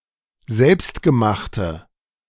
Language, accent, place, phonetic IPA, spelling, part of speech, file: German, Germany, Berlin, [ˈzɛlpstɡəˌmaxtə], selbstgemachte, adjective, De-selbstgemachte.ogg
- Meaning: inflection of selbstgemacht: 1. strong/mixed nominative/accusative feminine singular 2. strong nominative/accusative plural 3. weak nominative all-gender singular